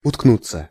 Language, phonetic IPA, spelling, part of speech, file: Russian, [ʊtkˈnut͡sːə], уткнуться, verb, Ru-уткнуться.ogg
- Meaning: 1. to bury oneself (in), to hide (one's face) (in) 2. to come to rest (upon, against), to be stopped (by), to hit 3. passive of уткну́ть (utknútʹ)